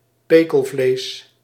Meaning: salted meat
- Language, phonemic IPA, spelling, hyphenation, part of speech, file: Dutch, /ˈpeː.kəlˌvleːs/, pekelvlees, pe‧kel‧vlees, noun, Nl-pekelvlees.ogg